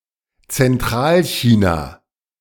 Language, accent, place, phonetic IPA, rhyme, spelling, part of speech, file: German, Germany, Berlin, [t͡sɛnˈtʁaːlˌçiːna], -aːlçiːna, Zentralchina, proper noun, De-Zentralchina.ogg
- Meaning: central China